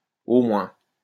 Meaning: at least, at a minimum
- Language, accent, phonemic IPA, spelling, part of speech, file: French, France, /o mwɛ̃/, au moins, adverb, LL-Q150 (fra)-au moins.wav